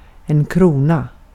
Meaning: 1. a crown (headwear) 2. crown, state, government 3. krona (the Swedish currency unit), abbreviated to kr or kr 4. krone (Danish and Norwegian currencies) 5. króna (Icelandic and Faroese currencies)
- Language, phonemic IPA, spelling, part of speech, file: Swedish, /ˈkruːˌna/, krona, noun, Sv-krona.ogg